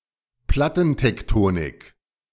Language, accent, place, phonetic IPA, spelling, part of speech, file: German, Germany, Berlin, [ˈplatn̩tɛkˌtoːnɪk], Plattentektonik, noun, De-Plattentektonik.ogg
- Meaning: plate tectonics